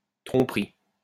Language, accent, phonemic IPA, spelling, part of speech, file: French, France, /tʁɔ̃.p(ə).ʁi/, tromperie, noun, LL-Q150 (fra)-tromperie.wav
- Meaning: deception